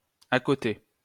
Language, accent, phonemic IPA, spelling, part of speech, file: French, France, /a.kɔ.te/, accoter, verb, LL-Q150 (fra)-accoter.wav
- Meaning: 1. to lean 2. to support, to rest (on) 3. to equal